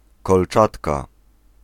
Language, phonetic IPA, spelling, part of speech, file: Polish, [kɔlˈt͡ʃatka], kolczatka, noun, Pl-kolczatka.ogg